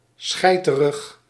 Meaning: cowardly
- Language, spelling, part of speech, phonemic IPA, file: Dutch, schijterig, adjective, /ˈsxɛi̯.tə.rəx/, Nl-schijterig.ogg